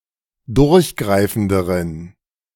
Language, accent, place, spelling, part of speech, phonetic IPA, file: German, Germany, Berlin, durchgreifenderen, adjective, [ˈdʊʁçˌɡʁaɪ̯fn̩dəʁən], De-durchgreifenderen.ogg
- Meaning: inflection of durchgreifend: 1. strong genitive masculine/neuter singular comparative degree 2. weak/mixed genitive/dative all-gender singular comparative degree